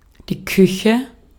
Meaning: 1. kitchen (room) 2. cuisine (cooking traditions)
- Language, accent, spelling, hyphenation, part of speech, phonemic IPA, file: German, Austria, Küche, Kü‧che, noun, /ˈkʏçɛ/, De-at-Küche.ogg